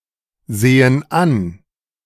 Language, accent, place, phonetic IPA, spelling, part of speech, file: German, Germany, Berlin, [ˌzeːən ˈan], sehen an, verb, De-sehen an.ogg
- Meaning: inflection of ansehen: 1. first/third-person plural present 2. first/third-person plural subjunctive I